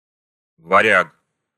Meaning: 1. Varangian, Viking 2. an outsider or foreigner brought in to lead or help an organization or company, e.g. local bodies of state administration or a sports team
- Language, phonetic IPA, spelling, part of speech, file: Russian, [vɐˈrʲak], варяг, noun, Ru-варяг.ogg